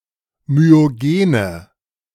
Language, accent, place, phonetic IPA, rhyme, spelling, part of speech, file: German, Germany, Berlin, [myoˈɡeːnə], -eːnə, myogene, adjective, De-myogene.ogg
- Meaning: inflection of myogen: 1. strong/mixed nominative/accusative feminine singular 2. strong nominative/accusative plural 3. weak nominative all-gender singular 4. weak accusative feminine/neuter singular